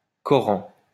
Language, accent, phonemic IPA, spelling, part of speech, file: French, France, /kɔ.ʁɑ̃/, Coran, proper noun, LL-Q150 (fra)-Coran.wav
- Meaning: Koran